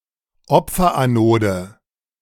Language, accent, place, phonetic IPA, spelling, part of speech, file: German, Germany, Berlin, [ˈɔp͡fɐʔaˌnoːdə], Opferanode, noun, De-Opferanode.ogg
- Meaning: sacrificial anode